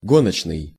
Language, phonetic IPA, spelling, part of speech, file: Russian, [ˈɡonət͡ɕnɨj], гоночный, adjective, Ru-гоночный.ogg
- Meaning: race (competition), racing